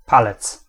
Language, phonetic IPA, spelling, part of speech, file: Polish, [ˈpalɛt͡s], palec, noun, Pl-palec.ogg